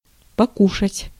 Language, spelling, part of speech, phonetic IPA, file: Russian, покушать, verb, [pɐˈkuʂətʲ], Ru-покушать.ogg
- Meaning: to eat, to have, to take